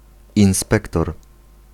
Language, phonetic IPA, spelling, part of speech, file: Polish, [ĩw̃ˈspɛktɔr], inspektor, noun, Pl-inspektor.ogg